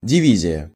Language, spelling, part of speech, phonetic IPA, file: Russian, дивизия, noun, [dʲɪˈvʲizʲɪjə], Ru-дивизия.ogg
- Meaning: division